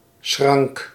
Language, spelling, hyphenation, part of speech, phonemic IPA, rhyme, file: Dutch, schrank, schrank, noun, /sxrɑŋk/, -ɑŋk, Nl-schrank.ogg
- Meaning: trestle, sawbuck, sawhorse